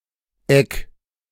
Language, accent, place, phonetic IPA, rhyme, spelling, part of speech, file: German, Germany, Berlin, [ɛk], -ɛk, egg, verb, De-egg.ogg
- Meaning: 1. singular imperative of eggen 2. first-person singular present of eggen